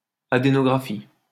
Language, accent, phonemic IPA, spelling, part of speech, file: French, France, /a.de.nɔ.ɡʁa.fi/, adénographie, noun, LL-Q150 (fra)-adénographie.wav
- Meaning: adenography